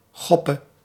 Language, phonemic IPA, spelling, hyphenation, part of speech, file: Dutch, /ˈxɔ.pə/, choppe, chop‧pe, noun, Nl-choppe.ogg
- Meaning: 1. chuppah, wedding canopy 2. chuppah, wedding ceremony